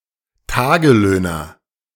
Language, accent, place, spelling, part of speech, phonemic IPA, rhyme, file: German, Germany, Berlin, Tagelöhner, noun, /ˈtaːɡəˌløːnɐ/, -øːnɐ, De-Tagelöhner.ogg
- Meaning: day laborer